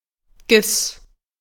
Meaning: G-sharp
- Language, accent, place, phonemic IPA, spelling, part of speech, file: German, Germany, Berlin, /ɡɪs/, Gis, noun, De-Gis.ogg